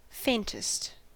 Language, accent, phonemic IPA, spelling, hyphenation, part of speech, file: English, US, /ˈfeɪntəst/, faintest, faint‧est, adjective, En-us-faintest.ogg
- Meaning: superlative form of faint: most faint